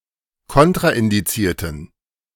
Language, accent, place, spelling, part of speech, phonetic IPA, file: German, Germany, Berlin, kontraindizierten, adjective, [ˈkɔntʁaʔɪndiˌt͡siːɐ̯tən], De-kontraindizierten.ogg
- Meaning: inflection of kontraindiziert: 1. strong genitive masculine/neuter singular 2. weak/mixed genitive/dative all-gender singular 3. strong/weak/mixed accusative masculine singular 4. strong dative plural